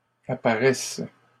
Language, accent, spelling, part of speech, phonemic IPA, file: French, Canada, apparaisses, verb, /a.pa.ʁɛs/, LL-Q150 (fra)-apparaisses.wav
- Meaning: second-person singular present subjunctive of apparaître